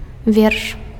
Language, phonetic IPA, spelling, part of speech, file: Belarusian, [vʲerʂ], верш, noun, Be-верш.ogg
- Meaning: 1. poem (literary piece written in verse) 2. verse